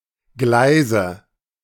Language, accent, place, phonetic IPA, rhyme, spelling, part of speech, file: German, Germany, Berlin, [ˈɡlaɪ̯zə], -aɪ̯zə, Gleise, noun, De-Gleise.ogg
- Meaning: nominative/accusative/genitive plural of Gleis